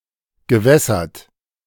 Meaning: past participle of wässern
- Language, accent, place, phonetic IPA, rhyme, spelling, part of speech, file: German, Germany, Berlin, [ɡəˈvɛsɐt], -ɛsɐt, gewässert, verb, De-gewässert.ogg